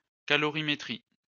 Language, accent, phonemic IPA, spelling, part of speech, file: French, France, /ka.lɔ.ʁi.me.tʁi/, calorimétrie, noun, LL-Q150 (fra)-calorimétrie.wav
- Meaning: calorimetry